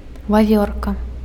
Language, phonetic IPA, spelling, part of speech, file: Belarusian, [vaˈvʲorka], вавёрка, noun, Be-вавёрка.ogg
- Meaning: squirrel